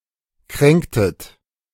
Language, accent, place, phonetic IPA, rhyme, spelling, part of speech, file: German, Germany, Berlin, [ˈkʁɛŋktət], -ɛŋktət, kränktet, verb, De-kränktet.ogg
- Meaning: inflection of kränken: 1. second-person plural preterite 2. second-person plural subjunctive II